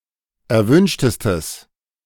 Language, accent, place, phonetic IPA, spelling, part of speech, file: German, Germany, Berlin, [ɛɐ̯ˈvʏnʃtəstəs], erwünschtestes, adjective, De-erwünschtestes.ogg
- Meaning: strong/mixed nominative/accusative neuter singular superlative degree of erwünscht